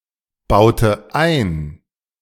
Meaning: inflection of einbauen: 1. first/third-person singular preterite 2. first/third-person singular subjunctive II
- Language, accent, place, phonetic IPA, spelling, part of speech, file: German, Germany, Berlin, [ˌbaʊ̯tə ˈaɪ̯n], baute ein, verb, De-baute ein.ogg